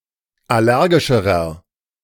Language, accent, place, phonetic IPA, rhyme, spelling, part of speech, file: German, Germany, Berlin, [ˌaˈlɛʁɡɪʃəʁɐ], -ɛʁɡɪʃəʁɐ, allergischerer, adjective, De-allergischerer.ogg
- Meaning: inflection of allergisch: 1. strong/mixed nominative masculine singular comparative degree 2. strong genitive/dative feminine singular comparative degree 3. strong genitive plural comparative degree